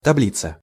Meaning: table (grid of data)
- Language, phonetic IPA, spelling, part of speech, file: Russian, [tɐˈblʲit͡sə], таблица, noun, Ru-таблица.ogg